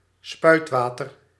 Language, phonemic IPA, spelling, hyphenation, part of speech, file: Dutch, /ˈspœy̯tˌʋaː.tər/, spuitwater, spuit‧wa‧ter, noun, Nl-spuitwater.ogg
- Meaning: carbonated water, soda water